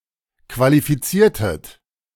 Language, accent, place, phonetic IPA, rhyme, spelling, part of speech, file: German, Germany, Berlin, [kvalifiˈt͡siːɐ̯tət], -iːɐ̯tət, qualifiziertet, verb, De-qualifiziertet.ogg
- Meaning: inflection of qualifizieren: 1. second-person plural preterite 2. second-person plural subjunctive II